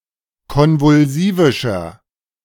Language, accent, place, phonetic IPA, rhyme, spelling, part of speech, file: German, Germany, Berlin, [ˌkɔnvʊlˈziːvɪʃɐ], -iːvɪʃɐ, konvulsivischer, adjective, De-konvulsivischer.ogg
- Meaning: inflection of konvulsivisch: 1. strong/mixed nominative masculine singular 2. strong genitive/dative feminine singular 3. strong genitive plural